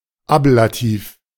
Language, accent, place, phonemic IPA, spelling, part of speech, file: German, Germany, Berlin, /ˈaplaˌtiːf/, Ablativ, noun, De-Ablativ.ogg
- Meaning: the ablative case